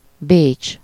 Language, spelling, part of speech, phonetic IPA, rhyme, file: Hungarian, Bécs, proper noun, [ˈbeːt͡ʃ], -eːt͡ʃ, Hu-Bécs.ogg
- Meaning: Vienna (the capital city of Austria)